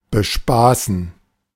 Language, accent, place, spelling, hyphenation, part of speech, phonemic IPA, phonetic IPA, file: German, Germany, Berlin, bespaßen, be‧spa‧ßen, verb, /beˈʃpaːsn̩/, [bəˈʃpaːsn̩], De-bespaßen.ogg
- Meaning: to entertain, to keep entertained (typically of children or those regarded as similarly demanding)